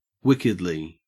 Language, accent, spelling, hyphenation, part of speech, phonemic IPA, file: English, Australia, wickedly, wick‧ed‧ly, adverb, /ˈwɪkɪdli/, En-au-wickedly.ogg
- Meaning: 1. In a wicked manner 2. very